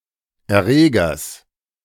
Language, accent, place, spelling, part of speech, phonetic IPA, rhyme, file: German, Germany, Berlin, Erregers, noun, [ɛɐ̯ˈʁeːɡɐs], -eːɡɐs, De-Erregers.ogg
- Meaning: genitive singular of Erreger